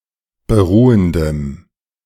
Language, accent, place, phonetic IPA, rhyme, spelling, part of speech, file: German, Germany, Berlin, [bəˈʁuːəndəm], -uːəndəm, beruhendem, adjective, De-beruhendem.ogg
- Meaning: strong dative masculine/neuter singular of beruhend